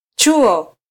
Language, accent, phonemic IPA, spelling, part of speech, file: Swahili, Kenya, /ˈtʃu.ɔ/, chuo, noun, Sw-ke-chuo.flac
- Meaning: 1. school (especially a Quranic school) 2. college 3. book 4. cover; binding